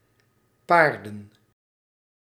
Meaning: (noun) plural of paard; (verb) inflection of paren: 1. plural past indicative 2. plural past subjunctive
- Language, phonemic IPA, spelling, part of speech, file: Dutch, /ˈpaːr.də(n)/, paarden, noun / verb, Nl-paarden.ogg